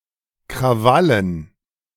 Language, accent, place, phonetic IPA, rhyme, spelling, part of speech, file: German, Germany, Berlin, [kʁaˈvalən], -alən, Krawallen, noun, De-Krawallen.ogg
- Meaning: dative plural of Krawall